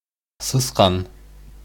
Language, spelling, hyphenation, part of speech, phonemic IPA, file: Bashkir, сысҡан, сыс‧ҡан, noun, /sɯ̞sˈqɑn/, Ba-сысҡан.ogg
- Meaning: mouse